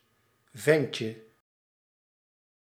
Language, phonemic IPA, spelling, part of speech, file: Dutch, /ˈvɛɲcə/, ventje, noun, Nl-ventje.ogg
- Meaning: diminutive of vent